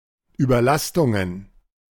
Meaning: plural of Überlastung
- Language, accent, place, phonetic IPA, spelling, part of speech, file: German, Germany, Berlin, [yːbɐˈlastʊŋən], Überlastungen, noun, De-Überlastungen.ogg